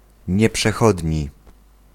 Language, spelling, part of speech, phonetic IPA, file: Polish, nieprzechodni, adjective, [ˌɲɛpʃɛˈxɔdʲɲi], Pl-nieprzechodni.ogg